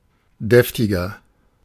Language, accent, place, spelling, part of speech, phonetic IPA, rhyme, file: German, Germany, Berlin, deftiger, adjective, [ˈdɛftɪɡɐ], -ɛftɪɡɐ, De-deftiger.ogg
- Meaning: inflection of deftig: 1. strong/mixed nominative masculine singular 2. strong genitive/dative feminine singular 3. strong genitive plural